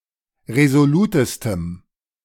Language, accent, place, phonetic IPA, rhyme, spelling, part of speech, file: German, Germany, Berlin, [ʁezoˈluːtəstəm], -uːtəstəm, resolutestem, adjective, De-resolutestem.ogg
- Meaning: strong dative masculine/neuter singular superlative degree of resolut